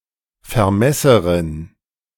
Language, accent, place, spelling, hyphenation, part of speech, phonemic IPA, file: German, Germany, Berlin, Vermesserin, Ver‧mes‧se‧rin, noun, /fɛɐ̯ˈmɛsəʁɪn/, De-Vermesserin.ogg
- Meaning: A female surveyor